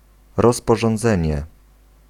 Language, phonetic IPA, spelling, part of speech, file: Polish, [ˌrɔspɔʒɔ̃nˈd͡zɛ̃ɲɛ], rozporządzenie, noun, Pl-rozporządzenie.ogg